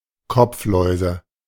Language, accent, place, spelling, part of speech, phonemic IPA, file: German, Germany, Berlin, Kopfläuse, noun, /ˈkɔpfˌlɔɪ̯zə/, De-Kopfläuse.ogg
- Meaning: nominative/accusative/genitive plural of Kopflaus